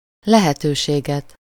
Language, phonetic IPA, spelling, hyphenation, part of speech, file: Hungarian, [ˈlɛhɛtøːʃeːɡɛt], lehetőséget, le‧he‧tő‧sé‧get, noun, Hu-lehetőséget.ogg
- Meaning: accusative singular of lehetőség